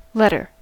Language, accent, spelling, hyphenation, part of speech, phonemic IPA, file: English, General American, letter, let‧ter, noun / verb, /ˈlɛtɚ/, En-us-letter.ogg
- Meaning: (noun) 1. A symbol in an alphabet 2. A written or printed communication, usually defined as longer and more formal than a note. (Sometimes specifically one that is on paper.)